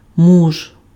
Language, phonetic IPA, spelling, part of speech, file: Ukrainian, [muʒ], муж, noun, Uk-муж.ogg
- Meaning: 1. husband 2. man